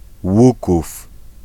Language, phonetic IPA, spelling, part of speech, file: Polish, [ˈwukuf], Łuków, proper noun, Pl-Łuków.ogg